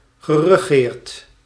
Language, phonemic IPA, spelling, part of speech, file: Dutch, /ɣərəˈɣert/, geregeerd, verb, Nl-geregeerd.ogg
- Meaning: past participle of regeren